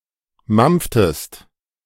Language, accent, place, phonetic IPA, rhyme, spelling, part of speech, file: German, Germany, Berlin, [ˈmamp͡ftəst], -amp͡ftəst, mampftest, verb, De-mampftest.ogg
- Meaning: inflection of mampfen: 1. second-person singular preterite 2. second-person singular subjunctive II